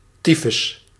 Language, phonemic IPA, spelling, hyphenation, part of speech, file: Dutch, /ˈti.fʏs/, tyfus, ty‧fus, noun / interjection, Nl-tyfus.ogg
- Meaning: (noun) term used for typhus and typhoid fever; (interjection) shit! damn!